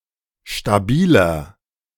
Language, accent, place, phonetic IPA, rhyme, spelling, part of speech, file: German, Germany, Berlin, [ʃtaˈbiːlɐ], -iːlɐ, stabiler, adjective, De-stabiler.ogg
- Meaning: 1. comparative degree of stabil 2. inflection of stabil: strong/mixed nominative masculine singular 3. inflection of stabil: strong genitive/dative feminine singular